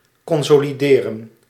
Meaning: to consolidate, to strengthen
- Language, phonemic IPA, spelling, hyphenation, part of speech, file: Dutch, /kɔnsoːliˈdeːrə(n)/, consolideren, con‧so‧li‧de‧ren, verb, Nl-consolideren.ogg